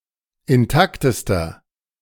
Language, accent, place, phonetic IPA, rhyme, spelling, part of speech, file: German, Germany, Berlin, [ɪnˈtaktəstɐ], -aktəstɐ, intaktester, adjective, De-intaktester.ogg
- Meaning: inflection of intakt: 1. strong/mixed nominative masculine singular superlative degree 2. strong genitive/dative feminine singular superlative degree 3. strong genitive plural superlative degree